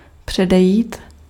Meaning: 1. to prevent 2. to precede
- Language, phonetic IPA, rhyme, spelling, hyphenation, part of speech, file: Czech, [ˈpr̝̊ɛdɛjiːt], -ɛjiːt, předejít, pře‧de‧jít, verb, Cs-předejít.ogg